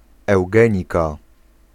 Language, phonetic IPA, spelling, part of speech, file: Polish, [ɛwˈɡɛ̃ɲika], eugenika, noun, Pl-eugenika.ogg